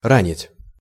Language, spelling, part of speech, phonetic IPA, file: Russian, ранить, verb, [ˈranʲɪtʲ], Ru-ранить.ogg
- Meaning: 1. to wound, to injure 2. to hurt